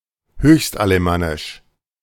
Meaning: Highest Alemannic German
- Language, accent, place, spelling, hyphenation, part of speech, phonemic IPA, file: German, Germany, Berlin, Höchstalemannisch, Höchst‧ale‧man‧nisch, proper noun, /ˈhøːçstʔaləˌmanɪʃ/, De-Höchstalemannisch.ogg